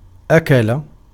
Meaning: 1. to eat, to consume (food) 2. to consume (resources, money, and so on) (envisioned as a form of eating) 3. to gnaw, to eat away, to abrade, to corrode, to erode; to destroy
- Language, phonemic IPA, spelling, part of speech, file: Arabic, /ʔa.ka.la/, أكل, verb, Ar-أكل.ogg